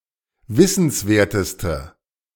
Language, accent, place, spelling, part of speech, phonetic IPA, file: German, Germany, Berlin, wissenswerteste, adjective, [ˈvɪsn̩sˌveːɐ̯təstə], De-wissenswerteste.ogg
- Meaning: inflection of wissenswert: 1. strong/mixed nominative/accusative feminine singular superlative degree 2. strong nominative/accusative plural superlative degree